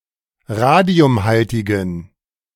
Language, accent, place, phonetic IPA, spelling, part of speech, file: German, Germany, Berlin, [ˈʁaːdi̯ʊmˌhaltɪɡn̩], radiumhaltigen, adjective, De-radiumhaltigen.ogg
- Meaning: inflection of radiumhaltig: 1. strong genitive masculine/neuter singular 2. weak/mixed genitive/dative all-gender singular 3. strong/weak/mixed accusative masculine singular 4. strong dative plural